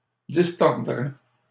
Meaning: third-person plural conditional of distordre
- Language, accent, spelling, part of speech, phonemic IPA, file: French, Canada, distordraient, verb, /dis.tɔʁ.dʁɛ/, LL-Q150 (fra)-distordraient.wav